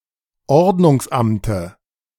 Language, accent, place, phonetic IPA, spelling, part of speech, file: German, Germany, Berlin, [ˈɔʁdnʊŋsˌʔamtə], Ordnungsamte, noun, De-Ordnungsamte.ogg
- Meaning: dative of Ordnungsamt